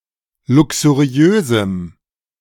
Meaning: strong dative masculine/neuter singular of luxuriös
- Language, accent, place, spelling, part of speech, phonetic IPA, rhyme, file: German, Germany, Berlin, luxuriösem, adjective, [ˌlʊksuˈʁi̯øːzm̩], -øːzm̩, De-luxuriösem.ogg